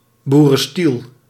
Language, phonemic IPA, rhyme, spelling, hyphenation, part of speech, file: Dutch, /ˌbu.rə(n)ˈstil/, -il, boerenstiel, boe‧ren‧stiel, noun, Nl-boerenstiel.ogg
- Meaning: 1. agriculture 2. farmer's profession